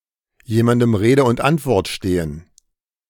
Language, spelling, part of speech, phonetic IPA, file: German, jemandem Rede und Antwort stehen, phrase, [ˌjeːmandəm ˈʁeːdə ʊnt ˈantvɔʁt ˌʃteːən], De-jemandem Rede und Antwort stehen.ogg